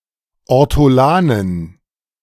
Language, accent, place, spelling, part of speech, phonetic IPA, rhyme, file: German, Germany, Berlin, Ortolanen, noun, [ɔʁtɔˈlaːnən], -aːnən, De-Ortolanen.ogg
- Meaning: dative plural of Ortolan